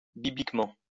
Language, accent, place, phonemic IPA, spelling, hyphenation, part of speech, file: French, France, Lyon, /bi.blik.mɑ̃/, bibliquement, bi‧blique‧ment, adverb, LL-Q150 (fra)-bibliquement.wav
- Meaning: biblically